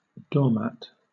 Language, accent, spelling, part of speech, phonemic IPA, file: English, Southern England, doormat, noun, /ˈdɔːˌmæt/, LL-Q1860 (eng)-doormat.wav
- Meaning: 1. A coarse mat at the entrance to a house, upon which one wipes one's shoes 2. Someone who habitually yields to others' demands or mistreatment, failing to assert their own rights or interests